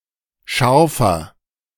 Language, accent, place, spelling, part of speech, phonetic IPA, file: German, Germany, Berlin, scharfer, adjective, [ˈʃaʁfɐ], De-scharfer.ogg
- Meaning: inflection of scharf: 1. strong/mixed nominative masculine singular 2. strong genitive/dative feminine singular 3. strong genitive plural